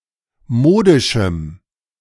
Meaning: strong dative masculine/neuter singular of modisch
- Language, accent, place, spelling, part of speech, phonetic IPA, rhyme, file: German, Germany, Berlin, modischem, adjective, [ˈmoːdɪʃm̩], -oːdɪʃm̩, De-modischem.ogg